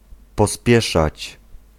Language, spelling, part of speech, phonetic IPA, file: Polish, pospieszać, verb, [pɔˈspʲjɛʃat͡ɕ], Pl-pospieszać.ogg